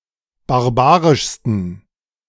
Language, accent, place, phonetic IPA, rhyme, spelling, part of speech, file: German, Germany, Berlin, [baʁˈbaːʁɪʃstn̩], -aːʁɪʃstn̩, barbarischsten, adjective, De-barbarischsten.ogg
- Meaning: 1. superlative degree of barbarisch 2. inflection of barbarisch: strong genitive masculine/neuter singular superlative degree